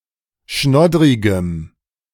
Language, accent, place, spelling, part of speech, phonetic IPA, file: German, Germany, Berlin, schnoddrigem, adjective, [ˈʃnɔdʁɪɡəm], De-schnoddrigem.ogg
- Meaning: strong dative masculine/neuter singular of schnoddrig